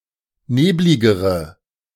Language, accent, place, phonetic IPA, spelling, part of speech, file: German, Germany, Berlin, [ˈneːblɪɡəʁə], nebligere, adjective, De-nebligere.ogg
- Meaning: inflection of neblig: 1. strong/mixed nominative/accusative feminine singular comparative degree 2. strong nominative/accusative plural comparative degree